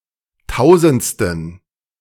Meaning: inflection of tausendste: 1. strong genitive masculine/neuter singular 2. weak/mixed genitive/dative all-gender singular 3. strong/weak/mixed accusative masculine singular 4. strong dative plural
- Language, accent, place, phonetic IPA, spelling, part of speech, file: German, Germany, Berlin, [ˈtaʊ̯zn̩t͡stən], tausendsten, adjective, De-tausendsten.ogg